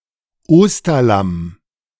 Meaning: Easter Lamb, Paschal Lamb (paschal lamb)
- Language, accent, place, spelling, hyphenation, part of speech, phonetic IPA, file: German, Germany, Berlin, Osterlamm, Os‧ter‧lamm, noun, [ˈoːstɐˌlam], De-Osterlamm.ogg